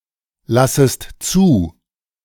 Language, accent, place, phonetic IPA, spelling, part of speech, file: German, Germany, Berlin, [ˌlasəst ˈt͡suː], lassest zu, verb, De-lassest zu.ogg
- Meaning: second-person singular subjunctive I of zulassen